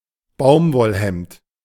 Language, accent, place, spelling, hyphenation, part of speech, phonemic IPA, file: German, Germany, Berlin, Baumwollhemd, Baum‧woll‧hemd, noun, /ˈbaʊ̯m.vɔlˌhɛmt/, De-Baumwollhemd.ogg
- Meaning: cotton shirt